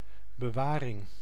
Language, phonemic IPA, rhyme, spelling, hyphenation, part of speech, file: Dutch, /bəˈʋaː.rɪŋ/, -aːrɪŋ, bewaring, be‧wa‧ring, noun, Nl-bewaring.ogg
- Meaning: 1. storage 2. custody 3. safekeeping